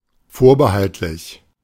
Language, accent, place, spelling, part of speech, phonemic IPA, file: German, Germany, Berlin, vorbehaltlich, adjective / preposition, /ˈfoːɐ̯bəˌhaltlɪç/, De-vorbehaltlich.ogg
- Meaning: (adjective) conditional, provisory; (preposition) subject to; under the condition of